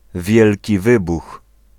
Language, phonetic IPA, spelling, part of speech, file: Polish, [ˈvʲjɛlʲci ˈvɨbux], Wielki Wybuch, proper noun, Pl-Wielki Wybuch.ogg